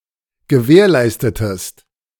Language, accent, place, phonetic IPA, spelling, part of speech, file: German, Germany, Berlin, [ɡəˈvɛːɐ̯ˌlaɪ̯stətəst], gewährleistetest, verb, De-gewährleistetest.ogg
- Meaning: inflection of gewährleisten: 1. second-person singular preterite 2. second-person singular subjunctive II